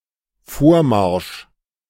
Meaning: advance
- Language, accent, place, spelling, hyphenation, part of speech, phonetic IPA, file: German, Germany, Berlin, Vormarsch, Vor‧marsch, noun, [ˈfoːɐ̯ˌmaʁʃ], De-Vormarsch.ogg